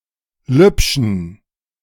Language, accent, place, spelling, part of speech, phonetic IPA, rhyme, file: German, Germany, Berlin, lübschen, adjective, [ˈlʏpʃn̩], -ʏpʃn̩, De-lübschen.ogg
- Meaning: inflection of lübsch: 1. strong genitive masculine/neuter singular 2. weak/mixed genitive/dative all-gender singular 3. strong/weak/mixed accusative masculine singular 4. strong dative plural